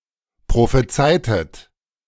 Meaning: inflection of prophezeien: 1. second-person plural preterite 2. second-person plural subjunctive II
- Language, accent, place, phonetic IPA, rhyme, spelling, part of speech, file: German, Germany, Berlin, [pʁofeˈt͡saɪ̯tət], -aɪ̯tət, prophezeitet, verb, De-prophezeitet.ogg